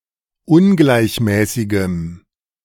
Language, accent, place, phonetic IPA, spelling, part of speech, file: German, Germany, Berlin, [ˈʊnɡlaɪ̯çˌmɛːsɪɡəm], ungleichmäßigem, adjective, De-ungleichmäßigem.ogg
- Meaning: strong dative masculine/neuter singular of ungleichmäßig